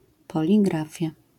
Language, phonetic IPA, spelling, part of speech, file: Polish, [ˌpɔlʲiˈɡrafʲja], poligrafia, noun, LL-Q809 (pol)-poligrafia.wav